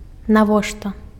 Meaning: why, what for, to what end
- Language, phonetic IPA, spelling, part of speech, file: Belarusian, [naˈvoʂta], навошта, adverb, Be-навошта.ogg